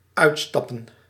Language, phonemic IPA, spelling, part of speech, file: Dutch, /ˈœytstɑpə(n)/, uitstappen, verb / noun, Nl-uitstappen.ogg
- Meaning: 1. to get off (a vehicle or a vessel) 2. to die